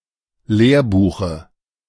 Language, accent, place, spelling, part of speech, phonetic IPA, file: German, Germany, Berlin, Lehrbuche, noun, [ˈleːɐ̯ˌbuːxə], De-Lehrbuche.ogg
- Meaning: dative singular of Lehrbuch